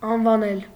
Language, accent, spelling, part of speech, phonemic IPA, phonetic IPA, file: Armenian, Eastern Armenian, անվանել, verb, /ɑnvɑˈnel/, [ɑnvɑnél], Hy-անվանել.ogg
- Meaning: 1. to name, to call 2. to mention, to refer to 3. to appoint to a position